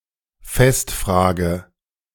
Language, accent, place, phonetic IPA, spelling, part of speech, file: German, Germany, Berlin, [ˈfɛstˌfr̺aːɡə], festfrage, verb, De-festfrage.ogg
- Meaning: inflection of festfragen: 1. first-person singular present 2. first/third-person singular subjunctive I 3. singular imperative